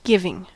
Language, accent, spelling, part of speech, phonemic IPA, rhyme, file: English, US, giving, verb / adjective / noun, /ˈɡɪvɪŋ/, -ɪvɪŋ, En-us-giving.ogg
- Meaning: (verb) present participle and gerund of give; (adjective) Having the tendency to give; generous